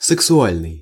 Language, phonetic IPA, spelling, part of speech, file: Russian, [sɨksʊˈalʲnɨj], сексуальный, adjective, Ru-сексуальный.ogg
- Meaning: 1. sexual 2. sexy